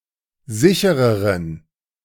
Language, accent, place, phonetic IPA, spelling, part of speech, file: German, Germany, Berlin, [ˈzɪçəʁəʁən], sichereren, adjective, De-sichereren.ogg
- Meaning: inflection of sicher: 1. strong genitive masculine/neuter singular comparative degree 2. weak/mixed genitive/dative all-gender singular comparative degree